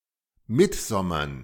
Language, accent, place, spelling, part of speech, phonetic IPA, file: German, Germany, Berlin, Mittsommern, noun, [ˈmɪtˌzɔmɐn], De-Mittsommern.ogg
- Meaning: dative plural of Mittsommer